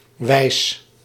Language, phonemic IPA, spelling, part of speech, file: Dutch, /ʋɛi̯s/, -wijs, suffix, Nl--wijs.ogg
- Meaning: -wise; forms adverbs from adjectives